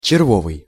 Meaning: hearts (card game)
- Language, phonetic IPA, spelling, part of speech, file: Russian, [t͡ɕɪrˈvovɨj], червовый, adjective, Ru-червовый.ogg